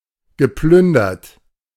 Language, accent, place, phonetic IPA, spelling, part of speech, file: German, Germany, Berlin, [ɡəˈplʏndɐt], geplündert, adjective / verb, De-geplündert.ogg
- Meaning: past participle of plündern